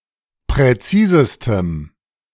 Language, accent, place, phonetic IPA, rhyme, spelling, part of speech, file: German, Germany, Berlin, [pʁɛˈt͡siːzəstəm], -iːzəstəm, präzisestem, adjective, De-präzisestem.ogg
- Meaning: 1. strong dative masculine/neuter singular superlative degree of präzis 2. strong dative masculine/neuter singular superlative degree of präzise